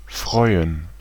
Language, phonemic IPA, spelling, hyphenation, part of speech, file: German, /ˈfʁɔʏ̯ən/, freuen, freu‧en, verb, De-freuen.ogg
- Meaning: 1. to gladden, to make glad, to make pleased 2. to be glad, pleased, or happy about something 3. to look forward to 4. to be happy for someone 5. to take delight in